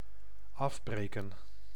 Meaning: 1. to break off 2. to demolish, to break down 3. to decompose 4. to cut short, to abort, to end
- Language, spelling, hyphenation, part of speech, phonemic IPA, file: Dutch, afbreken, af‧bre‧ken, verb, /ˈɑvˌbreːkə(n)/, Nl-afbreken.ogg